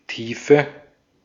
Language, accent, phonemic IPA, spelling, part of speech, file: German, Austria, /ˈtiːfə/, Tiefe, noun, De-at-Tiefe.ogg
- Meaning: depth